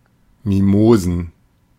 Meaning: plural of Mimose
- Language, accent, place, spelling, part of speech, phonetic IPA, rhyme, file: German, Germany, Berlin, Mimosen, noun, [miˈmoːzn̩], -oːzn̩, De-Mimosen.ogg